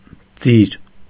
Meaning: 1. gift, present 2. alternative form of ձիրք (jirkʻ)
- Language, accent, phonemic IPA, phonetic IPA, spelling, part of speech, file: Armenian, Eastern Armenian, /d͡ziɾ/, [d͡ziɾ], ձիր, noun, Hy-ձիր.ogg